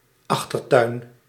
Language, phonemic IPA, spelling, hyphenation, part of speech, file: Dutch, /ˈɑx.tərˌtœy̯n/, achtertuin, ach‧ter‧tuin, noun, Nl-achtertuin.ogg
- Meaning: backyard